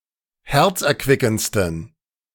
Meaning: 1. superlative degree of herzerquickend 2. inflection of herzerquickend: strong genitive masculine/neuter singular superlative degree
- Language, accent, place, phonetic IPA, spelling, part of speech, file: German, Germany, Berlin, [ˈhɛʁt͡sʔɛɐ̯ˌkvɪkn̩t͡stən], herzerquickendsten, adjective, De-herzerquickendsten.ogg